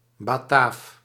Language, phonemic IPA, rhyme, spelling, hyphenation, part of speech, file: Dutch, /baːˈtaːf/, -aːf, Bataaf, Ba‧taaf, noun, Nl-Bataaf.ogg
- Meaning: Batavian (member of the tribe of the Batavi)